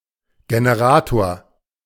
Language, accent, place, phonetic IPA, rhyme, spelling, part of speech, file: German, Germany, Berlin, [ɡenəˈʁaːtoːɐ̯], -aːtoːɐ̯, Generator, noun, De-Generator.ogg
- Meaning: generator (electrical machine)